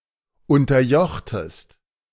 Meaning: inflection of unterjochen: 1. second-person singular preterite 2. second-person singular subjunctive II
- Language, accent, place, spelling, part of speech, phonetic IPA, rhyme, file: German, Germany, Berlin, unterjochtest, verb, [ˌʊntɐˈjɔxtəst], -ɔxtəst, De-unterjochtest.ogg